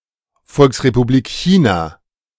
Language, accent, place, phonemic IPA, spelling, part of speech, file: German, Germany, Berlin, /ˌfɔlksrepubliːk ˈçiːnaː/, Volksrepublik China, noun, De-Volksrepublik China.ogg
- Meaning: People's Republic of China (official name of China: a country in East Asia)